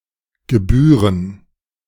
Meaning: 1. to be due, to be owed, to rightfully belong 2. to be proper, seemly
- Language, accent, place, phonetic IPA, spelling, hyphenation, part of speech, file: German, Germany, Berlin, [ɡəˈbyːʁən], gebühren, ge‧büh‧ren, verb, De-gebühren.ogg